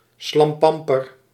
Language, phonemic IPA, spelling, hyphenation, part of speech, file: Dutch, /ˈslɑm.pɑm.pər/, slampamper, slam‧pam‧per, noun, Nl-slampamper.ogg
- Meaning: a lazy, decadent, often gluttonous, man